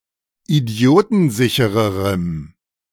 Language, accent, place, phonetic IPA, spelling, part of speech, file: German, Germany, Berlin, [iˈdi̯oːtn̩ˌzɪçəʁəʁəm], idiotensichererem, adjective, De-idiotensichererem.ogg
- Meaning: strong dative masculine/neuter singular comparative degree of idiotensicher